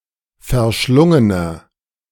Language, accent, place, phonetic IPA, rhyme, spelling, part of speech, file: German, Germany, Berlin, [fɛɐ̯ˈʃlʊŋənɐ], -ʊŋənɐ, verschlungener, adjective, De-verschlungener.ogg
- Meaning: 1. comparative degree of verschlungen 2. inflection of verschlungen: strong/mixed nominative masculine singular 3. inflection of verschlungen: strong genitive/dative feminine singular